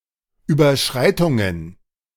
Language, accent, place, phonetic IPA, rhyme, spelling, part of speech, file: German, Germany, Berlin, [yːbɐˈʃʁaɪ̯tʊŋən], -aɪ̯tʊŋən, Überschreitungen, noun, De-Überschreitungen.ogg
- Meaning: plural of Überschreitung